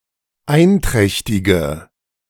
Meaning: inflection of einträchtig: 1. strong/mixed nominative/accusative feminine singular 2. strong nominative/accusative plural 3. weak nominative all-gender singular
- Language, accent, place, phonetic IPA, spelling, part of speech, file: German, Germany, Berlin, [ˈaɪ̯nˌtʁɛçtɪɡə], einträchtige, adjective, De-einträchtige.ogg